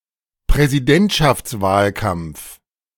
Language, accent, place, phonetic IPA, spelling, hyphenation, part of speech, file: German, Germany, Berlin, [pʁɛziˈdɛntʃaft͡sˌvaːlkamp͡f], Präsidentschaftswahlkampf, Prä‧si‧dent‧schafts‧wahl‧kampf, noun, De-Präsidentschaftswahlkampf.ogg
- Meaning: presidential campaign